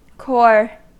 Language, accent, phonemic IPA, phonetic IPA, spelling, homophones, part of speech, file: English, US, /kɔɹ/, [kʰo̞ɹ], core, corps, noun / adjective / verb, En-us-core.ogg
- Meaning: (noun) In general usage, an essential part of a thing surrounded by other essential things.: The central part of a fruit, containing the kernels or seeds